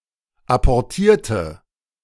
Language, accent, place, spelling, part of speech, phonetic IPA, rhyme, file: German, Germany, Berlin, apportierte, adjective / verb, [apɔʁˈtiːɐ̯tə], -iːɐ̯tə, De-apportierte.ogg
- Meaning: inflection of apportieren: 1. first/third-person singular preterite 2. first/third-person singular subjunctive II